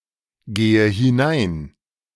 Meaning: inflection of hineingehen: 1. first-person singular present 2. first/third-person singular subjunctive I 3. singular imperative
- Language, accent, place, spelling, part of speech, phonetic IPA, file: German, Germany, Berlin, gehe hinein, verb, [ˌɡeːə hɪˈnaɪ̯n], De-gehe hinein.ogg